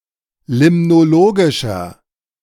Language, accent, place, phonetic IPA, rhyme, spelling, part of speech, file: German, Germany, Berlin, [ˌlɪmnoˈloːɡɪʃɐ], -oːɡɪʃɐ, limnologischer, adjective, De-limnologischer.ogg
- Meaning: inflection of limnologisch: 1. strong/mixed nominative masculine singular 2. strong genitive/dative feminine singular 3. strong genitive plural